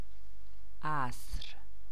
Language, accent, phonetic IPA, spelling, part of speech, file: Persian, Iran, [ʔæsɹ], عصر, noun, Fa-عصر.ogg
- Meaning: 1. afternoon 2. evening 3. period (of time); epoch, era